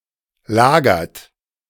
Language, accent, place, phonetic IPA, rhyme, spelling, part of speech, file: German, Germany, Berlin, [ˈlaːɡɐt], -aːɡɐt, lagert, verb, De-lagert.ogg
- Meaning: inflection of lagern: 1. third-person singular present 2. second-person plural present 3. plural imperative